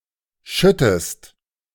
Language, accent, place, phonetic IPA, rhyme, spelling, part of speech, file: German, Germany, Berlin, [ˈʃʏtəst], -ʏtəst, schüttest, verb, De-schüttest.ogg
- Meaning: inflection of schütten: 1. second-person singular present 2. second-person singular subjunctive I